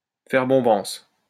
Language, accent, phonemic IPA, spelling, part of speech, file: French, France, /fɛʁ bɔ̃.bɑ̃s/, faire bombance, verb, LL-Q150 (fra)-faire bombance.wav
- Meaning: to feast, to have a feast, to gourmandise, to make a pig of oneself